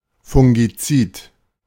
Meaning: fungicide
- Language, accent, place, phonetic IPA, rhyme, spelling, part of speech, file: German, Germany, Berlin, [fʊŋɡiˈt͡siːt], -iːt, Fungizid, noun, De-Fungizid.ogg